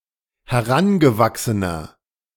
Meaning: inflection of herangewachsen: 1. strong/mixed nominative masculine singular 2. strong genitive/dative feminine singular 3. strong genitive plural
- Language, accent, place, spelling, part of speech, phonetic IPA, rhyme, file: German, Germany, Berlin, herangewachsener, adjective, [hɛˈʁanɡəˌvaksənɐ], -anɡəvaksənɐ, De-herangewachsener.ogg